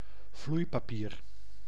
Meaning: 1. some blotting paper or a sheet of blotting paper 2. some cigarette paper or a sheet of cigarette paper; rolling paper
- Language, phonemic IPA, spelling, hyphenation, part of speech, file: Dutch, /ˈvlui̯.paːˌpiːr/, vloeipapier, vloei‧pa‧pier, noun, Nl-vloeipapier.ogg